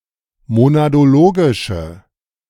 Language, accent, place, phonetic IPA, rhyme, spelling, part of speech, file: German, Germany, Berlin, [monadoˈloːɡɪʃə], -oːɡɪʃə, monadologische, adjective, De-monadologische.ogg
- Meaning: inflection of monadologisch: 1. strong/mixed nominative/accusative feminine singular 2. strong nominative/accusative plural 3. weak nominative all-gender singular